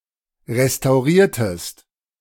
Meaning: inflection of restaurieren: 1. second-person singular preterite 2. second-person singular subjunctive II
- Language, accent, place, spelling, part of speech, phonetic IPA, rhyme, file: German, Germany, Berlin, restauriertest, verb, [ʁestaʊ̯ˈʁiːɐ̯təst], -iːɐ̯təst, De-restauriertest.ogg